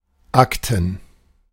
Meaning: 1. plural of Akte 2. plural of Akt
- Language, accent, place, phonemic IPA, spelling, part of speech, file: German, Germany, Berlin, /ˈaktən/, Akten, noun, De-Akten.ogg